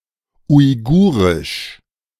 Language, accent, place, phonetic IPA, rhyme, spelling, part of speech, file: German, Germany, Berlin, [ʊɪ̯ˈɡuːʁɪʃ], -uːʁɪʃ, Uigurisch, noun, De-Uigurisch.ogg
- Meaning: Uyghur (the Uyghur language)